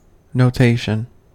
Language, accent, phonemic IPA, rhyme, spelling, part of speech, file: English, US, /noʊˈteɪʃən/, -eɪʃən, notation, noun, En-us-notation.ogg
- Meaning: The act, process, method, or an instance of representing by a system or set of marks, signs, figures, or characters